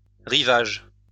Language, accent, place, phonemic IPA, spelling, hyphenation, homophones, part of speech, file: French, France, Lyon, /ʁi.vaʒ/, rivages, ri‧vages, rivage, noun, LL-Q150 (fra)-rivages.wav
- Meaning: plural of rivage